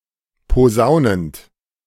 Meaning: present participle of posaunen
- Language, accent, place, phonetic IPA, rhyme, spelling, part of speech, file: German, Germany, Berlin, [poˈzaʊ̯nənt], -aʊ̯nənt, posaunend, verb, De-posaunend.ogg